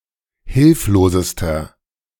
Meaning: inflection of hilflos: 1. strong/mixed nominative masculine singular superlative degree 2. strong genitive/dative feminine singular superlative degree 3. strong genitive plural superlative degree
- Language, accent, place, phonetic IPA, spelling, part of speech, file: German, Germany, Berlin, [ˈhɪlfloːzəstɐ], hilflosester, adjective, De-hilflosester.ogg